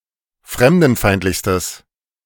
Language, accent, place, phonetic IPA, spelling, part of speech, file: German, Germany, Berlin, [ˈfʁɛmdn̩ˌfaɪ̯ntlɪçstəs], fremdenfeindlichstes, adjective, De-fremdenfeindlichstes.ogg
- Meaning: strong/mixed nominative/accusative neuter singular superlative degree of fremdenfeindlich